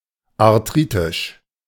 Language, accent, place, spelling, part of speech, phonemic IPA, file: German, Germany, Berlin, arthritisch, adjective, /aʁˈtʁiːtɪʃ/, De-arthritisch.ogg
- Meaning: arthritic